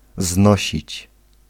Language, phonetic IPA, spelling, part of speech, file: Polish, [ˈznɔɕit͡ɕ], znosić, verb, Pl-znosić.ogg